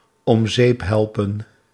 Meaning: to kill, to snuff, to rub out
- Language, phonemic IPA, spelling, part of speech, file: Dutch, /ɔm ˈzeːp ˈɦɛlpə(n)/, om zeep helpen, verb, Nl-om zeep helpen.ogg